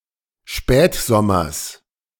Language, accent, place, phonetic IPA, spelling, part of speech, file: German, Germany, Berlin, [ˈʃpɛːtˌzɔmɐs], Spätsommers, noun, De-Spätsommers.ogg
- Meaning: genitive singular of Spätsommer